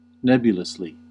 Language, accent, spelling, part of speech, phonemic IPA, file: English, US, nebulously, adverb, /ˈnɛb.jʊ.ləs.li/, En-us-nebulously.ogg
- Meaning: 1. In a manner like that of a cloud or haze 2. As if viewed through a cloud or haze 3. Vaguely, without clear purpose or specific intention